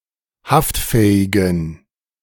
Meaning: inflection of haftfähig: 1. strong genitive masculine/neuter singular 2. weak/mixed genitive/dative all-gender singular 3. strong/weak/mixed accusative masculine singular 4. strong dative plural
- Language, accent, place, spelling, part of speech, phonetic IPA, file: German, Germany, Berlin, haftfähigen, adjective, [ˈhaftˌfɛːɪɡn̩], De-haftfähigen.ogg